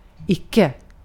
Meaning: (adverb) not; negation of the verb in a sentence; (noun) the Boolean function "not"
- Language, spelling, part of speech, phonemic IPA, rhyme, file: Swedish, icke, adverb / noun, /²ɪkːɛ/, -²ɪkːɛ, Sv-icke.ogg